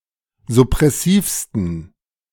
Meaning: 1. superlative degree of suppressiv 2. inflection of suppressiv: strong genitive masculine/neuter singular superlative degree
- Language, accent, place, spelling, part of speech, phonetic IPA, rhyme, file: German, Germany, Berlin, suppressivsten, adjective, [zʊpʁɛˈsiːfstn̩], -iːfstn̩, De-suppressivsten.ogg